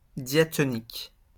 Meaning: diatonic
- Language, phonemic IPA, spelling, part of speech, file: French, /dja.tɔ.nik/, diatonique, adjective, LL-Q150 (fra)-diatonique.wav